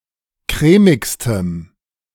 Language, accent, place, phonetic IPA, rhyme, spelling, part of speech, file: German, Germany, Berlin, [ˈkʁɛːmɪkstəm], -ɛːmɪkstəm, crèmigstem, adjective, De-crèmigstem.ogg
- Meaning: strong dative masculine/neuter singular superlative degree of crèmig